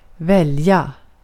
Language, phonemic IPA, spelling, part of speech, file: Swedish, /²vɛlːja/, välja, verb, Sv-välja.ogg
- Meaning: 1. to choose 2. to elect